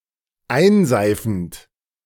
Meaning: present participle of einseifen
- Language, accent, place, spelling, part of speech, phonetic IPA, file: German, Germany, Berlin, einseifend, verb, [ˈaɪ̯nˌzaɪ̯fn̩t], De-einseifend.ogg